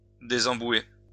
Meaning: to desludge
- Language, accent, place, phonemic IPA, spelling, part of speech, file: French, France, Lyon, /de.zɑ̃.bwe/, désembouer, verb, LL-Q150 (fra)-désembouer.wav